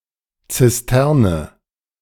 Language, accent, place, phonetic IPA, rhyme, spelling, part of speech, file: German, Germany, Berlin, [t͡sɪsˈtɛʁnə], -ɛʁnə, Zisterne, noun, De-Zisterne.ogg
- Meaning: cistern